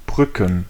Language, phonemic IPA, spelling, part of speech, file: German, /ˈbʁʏkn/, Brücken, noun, De-Brücken.ogg
- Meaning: plural of Brücke